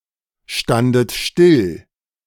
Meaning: second-person plural preterite of stillstehen
- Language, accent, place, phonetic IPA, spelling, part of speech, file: German, Germany, Berlin, [ˌʃtandət ˈʃtɪl], standet still, verb, De-standet still.ogg